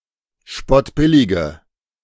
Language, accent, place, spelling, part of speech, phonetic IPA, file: German, Germany, Berlin, spottbillige, adjective, [ˈʃpɔtˌbɪlɪɡə], De-spottbillige.ogg
- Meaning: inflection of spottbillig: 1. strong/mixed nominative/accusative feminine singular 2. strong nominative/accusative plural 3. weak nominative all-gender singular